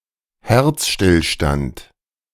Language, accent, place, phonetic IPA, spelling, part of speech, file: German, Germany, Berlin, [ˈhɛʁt͡sʃtɪlˌʃtant], Herzstillstand, noun, De-Herzstillstand.ogg
- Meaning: cardiac arrest